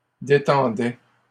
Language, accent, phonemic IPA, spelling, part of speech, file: French, Canada, /de.tɑ̃.dɛ/, détendaient, verb, LL-Q150 (fra)-détendaient.wav
- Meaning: third-person plural imperfect indicative of détendre